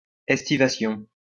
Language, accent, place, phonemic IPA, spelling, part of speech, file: French, France, Lyon, /ɛs.ti.va.sjɔ̃/, estivation, noun, LL-Q150 (fra)-estivation.wav
- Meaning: estivation